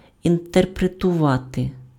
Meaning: to interpret
- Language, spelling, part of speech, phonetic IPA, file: Ukrainian, інтерпретувати, verb, [interpretʊˈʋate], Uk-інтерпретувати.ogg